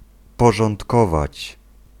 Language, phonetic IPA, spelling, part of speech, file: Polish, [ˌpɔʒɔ̃ntˈkɔvat͡ɕ], porządkować, verb, Pl-porządkować.ogg